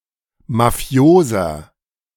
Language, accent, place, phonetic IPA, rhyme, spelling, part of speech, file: German, Germany, Berlin, [maˈfi̯oːzɐ], -oːzɐ, mafioser, adjective, De-mafioser.ogg
- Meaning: 1. comparative degree of mafios 2. inflection of mafios: strong/mixed nominative masculine singular 3. inflection of mafios: strong genitive/dative feminine singular